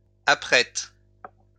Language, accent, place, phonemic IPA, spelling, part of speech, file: French, France, Lyon, /a.pʁɛt/, apprêtent, verb, LL-Q150 (fra)-apprêtent.wav
- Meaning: third-person plural present indicative/subjunctive of apprêter